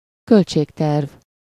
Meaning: budget
- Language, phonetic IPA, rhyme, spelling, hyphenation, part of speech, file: Hungarian, [ˈkølt͡ʃeːktɛrv], -ɛrv, költségterv, költ‧ség‧terv, noun, Hu-költségterv.ogg